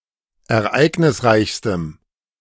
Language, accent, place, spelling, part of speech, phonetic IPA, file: German, Germany, Berlin, ereignisreichstem, adjective, [ɛɐ̯ˈʔaɪ̯ɡnɪsˌʁaɪ̯çstəm], De-ereignisreichstem.ogg
- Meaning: strong dative masculine/neuter singular superlative degree of ereignisreich